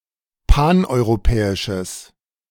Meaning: strong/mixed nominative/accusative neuter singular of paneuropäisch
- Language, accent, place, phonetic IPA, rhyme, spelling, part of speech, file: German, Germany, Berlin, [ˌpanʔɔɪ̯ʁoˈpɛːɪʃəs], -ɛːɪʃəs, paneuropäisches, adjective, De-paneuropäisches.ogg